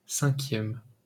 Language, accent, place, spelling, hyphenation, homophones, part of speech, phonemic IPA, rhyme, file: French, France, Paris, cinquième, cin‧quième, cinquièmes, adjective / noun, /sɛ̃.kjɛm/, -ɛm, LL-Q150 (fra)-cinquième.wav
- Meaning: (adjective) fifth